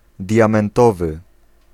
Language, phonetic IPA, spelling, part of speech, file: Polish, [ˌdʲjãmɛ̃nˈtɔvɨ], diamentowy, adjective, Pl-diamentowy.ogg